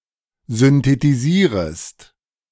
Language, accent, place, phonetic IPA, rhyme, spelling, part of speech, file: German, Germany, Berlin, [zʏntetiˈziːʁəst], -iːʁəst, synthetisierest, verb, De-synthetisierest.ogg
- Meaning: second-person singular subjunctive I of synthetisieren